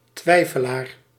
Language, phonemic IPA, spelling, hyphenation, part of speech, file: Dutch, /ˈtʋɛi̯.fəˌlaːr/, twijfelaar, twij‧fe‧laar, noun, Nl-twijfelaar.ogg
- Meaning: 1. a doubter, hesitater; one who doubts or hesitates 2. a bed of a size that is in between those of a regular single size bed and a double bed, typically with a breadth of 120 or 140 centimetres